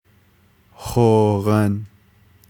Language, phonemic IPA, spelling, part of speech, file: Navajo, /hòːɣɑ̀n/, hooghan, noun, Nv-hooghan.ogg
- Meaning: dwelling, home, hogan